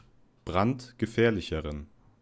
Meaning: inflection of brandgefährlich: 1. strong genitive masculine/neuter singular comparative degree 2. weak/mixed genitive/dative all-gender singular comparative degree
- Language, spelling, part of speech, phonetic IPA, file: German, brandgefährlicheren, adjective, [ˈbʁantɡəˌfɛːɐ̯lɪçəʁən], De-brandgefährlicheren.ogg